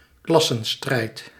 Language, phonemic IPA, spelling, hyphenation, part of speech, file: Dutch, /ˈklɑ.sə(n)ˌstrɛi̯t/, klassenstrijd, klas‧sen‧strijd, noun, Nl-klassenstrijd.ogg
- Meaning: class struggle